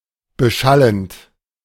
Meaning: present participle of beschallen
- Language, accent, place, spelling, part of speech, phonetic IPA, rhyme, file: German, Germany, Berlin, beschallend, verb, [bəˈʃalənt], -alənt, De-beschallend.ogg